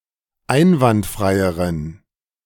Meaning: inflection of einwandfrei: 1. strong genitive masculine/neuter singular comparative degree 2. weak/mixed genitive/dative all-gender singular comparative degree
- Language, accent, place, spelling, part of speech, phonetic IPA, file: German, Germany, Berlin, einwandfreieren, adjective, [ˈaɪ̯nvantˌfʁaɪ̯əʁən], De-einwandfreieren.ogg